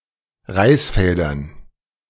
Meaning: dative plural of Reisfeld
- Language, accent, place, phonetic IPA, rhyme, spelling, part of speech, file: German, Germany, Berlin, [ˈʁaɪ̯sˌfɛldɐn], -aɪ̯sfɛldɐn, Reisfeldern, noun, De-Reisfeldern.ogg